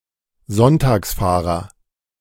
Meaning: Sunday driver (male or of unspecified gender)
- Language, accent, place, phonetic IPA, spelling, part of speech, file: German, Germany, Berlin, [ˈzɔntaːksˌfaːʁɐ], Sonntagsfahrer, noun, De-Sonntagsfahrer.ogg